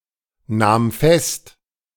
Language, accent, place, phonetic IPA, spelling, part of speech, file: German, Germany, Berlin, [ˌnaːm ˈfɛst], nahm fest, verb, De-nahm fest.ogg
- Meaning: first/third-person singular preterite of festnehmen